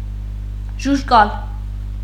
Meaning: 1. abstinent 2. concise, succinct (of speech or writing) 3. faint, feeble 4. cheerless, unattractive 5. resistant 6. barren, infertile
- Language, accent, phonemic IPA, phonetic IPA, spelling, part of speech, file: Armenian, Eastern Armenian, /ʒuʒˈkɑl/, [ʒuʒkɑ́l], ժուժկալ, adjective, Hy-ժուժկալ.ogg